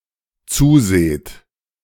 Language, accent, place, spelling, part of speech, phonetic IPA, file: German, Germany, Berlin, zuseht, verb, [ˈt͡suːˌzeːt], De-zuseht.ogg
- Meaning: second-person plural dependent present of zusehen